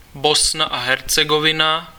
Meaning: Bosnia and Herzegovina (a country on the Balkan Peninsula in Southeastern Europe)
- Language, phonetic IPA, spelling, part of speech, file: Czech, [bosna a ɦɛrt͡sɛɡovɪna], Bosna a Hercegovina, proper noun, Cs-Bosna a Hercegovina.ogg